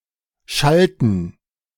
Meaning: inflection of schallen: 1. first/third-person plural preterite 2. first/third-person plural subjunctive II
- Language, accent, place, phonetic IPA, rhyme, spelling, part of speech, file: German, Germany, Berlin, [ˈʃaltn̩], -altn̩, schallten, verb, De-schallten.ogg